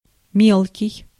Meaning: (adjective) 1. fine, fine-grained 2. small, tiny, little, minute 3. small, insignificant, petty, minor 4. shallow 5. petty, small-minded; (noun) little one
- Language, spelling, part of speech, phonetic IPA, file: Russian, мелкий, adjective / noun, [ˈmʲeɫkʲɪj], Ru-мелкий.ogg